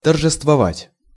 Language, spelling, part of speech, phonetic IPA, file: Russian, торжествовать, verb, [tərʐɨstvɐˈvatʲ], Ru-торжествовать.ogg
- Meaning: 1. to celebrate 2. to triumph over 3. to exult, to rejoice, to glory (in something)